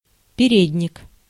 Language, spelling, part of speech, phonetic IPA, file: Russian, передник, noun, [pʲɪˈrʲedʲnʲɪk], Ru-передник.ogg
- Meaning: apron (clothing)